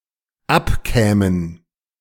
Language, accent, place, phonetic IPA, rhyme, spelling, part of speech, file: German, Germany, Berlin, [ˈapˌkɛːmən], -apkɛːmən, abkämen, verb, De-abkämen.ogg
- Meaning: first/third-person plural dependent subjunctive II of abkommen